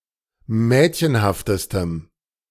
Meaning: strong dative masculine/neuter singular superlative degree of mädchenhaft
- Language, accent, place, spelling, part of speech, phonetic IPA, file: German, Germany, Berlin, mädchenhaftestem, adjective, [ˈmɛːtçənhaftəstəm], De-mädchenhaftestem.ogg